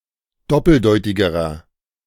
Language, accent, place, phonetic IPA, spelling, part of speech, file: German, Germany, Berlin, [ˈdɔpl̩ˌdɔɪ̯tɪɡəʁɐ], doppeldeutigerer, adjective, De-doppeldeutigerer.ogg
- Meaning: inflection of doppeldeutig: 1. strong/mixed nominative masculine singular comparative degree 2. strong genitive/dative feminine singular comparative degree 3. strong genitive plural comparative degree